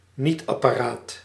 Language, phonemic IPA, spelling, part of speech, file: Dutch, /ˈnitɑpaːraːt/, nietapparaat, noun, Nl-nietapparaat.ogg
- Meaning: stapler, mechanical device to attach together papers etc